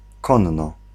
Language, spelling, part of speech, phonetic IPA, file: Polish, konno, adverb, [ˈkɔ̃nːɔ], Pl-konno.ogg